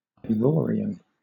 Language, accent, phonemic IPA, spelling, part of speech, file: English, Southern England, /aɪˈvɔːɹiən/, Ivorian, noun / adjective, LL-Q1860 (eng)-Ivorian.wav
- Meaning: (noun) A person from Côte d'Ivoire or of Ivorian descent; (adjective) Of, from, or pertaining to Côte d'Ivoire or the Ivorian people